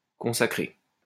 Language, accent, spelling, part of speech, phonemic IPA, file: French, France, consacré, verb / adjective, /kɔ̃.sa.kʁe/, LL-Q150 (fra)-consacré.wav
- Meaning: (verb) past participle of consacrer; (adjective) 1. consecrated 2. devoted to, dedicated to 3. dealing with, about, on 4. accepted, established, proper